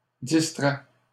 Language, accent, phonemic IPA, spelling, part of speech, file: French, Canada, /dis.tʁɛ/, distraient, verb, LL-Q150 (fra)-distraient.wav
- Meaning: third-person plural present indicative/subjunctive of distraire